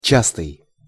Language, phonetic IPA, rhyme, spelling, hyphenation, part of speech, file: Russian, [ˈt͡ɕastɨj], -astɨj, частый, час‧тый, adjective, Ru-частый.ogg
- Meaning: 1. dense (consisting of closely spaced parts) 2. frequent (spaced a short distance apart) 3. fast, frequent (consisting of rapidly successive movements) 4. repetitive (appearing at short intervals)